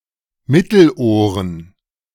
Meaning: plural of Mittelohr
- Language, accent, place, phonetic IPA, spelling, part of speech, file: German, Germany, Berlin, [ˈmɪtl̩ˌʔoːʁən], Mittelohren, noun, De-Mittelohren.ogg